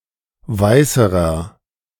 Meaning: inflection of weiß: 1. strong/mixed nominative masculine singular comparative degree 2. strong genitive/dative feminine singular comparative degree 3. strong genitive plural comparative degree
- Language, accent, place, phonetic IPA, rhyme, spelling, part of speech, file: German, Germany, Berlin, [ˈvaɪ̯səʁɐ], -aɪ̯səʁɐ, weißerer, adjective, De-weißerer.ogg